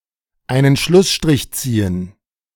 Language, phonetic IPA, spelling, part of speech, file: German, [ˈaɪ̯nən ˈʃlʊsʃtʁɪç ˈt͡siːən], einen Schlussstrich ziehen, verb, De-einen Schlußstrich ziehen.ogg
- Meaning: to put an end to [with unter ‘a topic, discussion, etc.’]; to find emotional closure